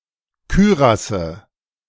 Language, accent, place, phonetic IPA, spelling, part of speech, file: German, Germany, Berlin, [ˈkyːʁasə], Kürasse, noun, De-Kürasse.ogg
- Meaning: nominative/accusative/genitive plural of Kürass